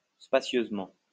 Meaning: spaciously
- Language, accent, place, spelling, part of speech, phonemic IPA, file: French, France, Lyon, spacieusement, adverb, /spa.sjøz.mɑ̃/, LL-Q150 (fra)-spacieusement.wav